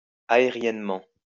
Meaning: 1. aerially 2. in the air
- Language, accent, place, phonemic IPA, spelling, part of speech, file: French, France, Lyon, /a.e.ʁjɛn.mɑ̃/, aériennement, adverb, LL-Q150 (fra)-aériennement.wav